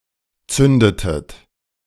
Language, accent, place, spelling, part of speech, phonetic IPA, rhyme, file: German, Germany, Berlin, zündetet, verb, [ˈt͡sʏndətət], -ʏndətət, De-zündetet.ogg
- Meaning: inflection of zünden: 1. second-person plural preterite 2. second-person plural subjunctive II